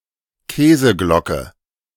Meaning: cheese cover, cheese dome
- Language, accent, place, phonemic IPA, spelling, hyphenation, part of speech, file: German, Germany, Berlin, /ˈkɛːzəˌɡlɔkə/, Käseglocke, Kä‧se‧glo‧cke, noun, De-Käseglocke.ogg